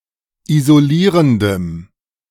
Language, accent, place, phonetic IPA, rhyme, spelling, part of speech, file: German, Germany, Berlin, [izoˈliːʁəndəm], -iːʁəndəm, isolierendem, adjective, De-isolierendem.ogg
- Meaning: strong dative masculine/neuter singular of isolierend